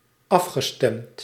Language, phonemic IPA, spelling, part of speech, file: Dutch, /ˈɑfxəstɛmt/, afgestemd, verb, Nl-afgestemd.ogg
- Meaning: past participle of afstemmen